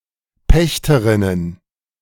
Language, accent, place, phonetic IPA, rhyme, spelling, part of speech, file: German, Germany, Berlin, [ˈpɛçtəʁɪnən], -ɛçtəʁɪnən, Pächterinnen, noun, De-Pächterinnen.ogg
- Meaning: plural of Pächterin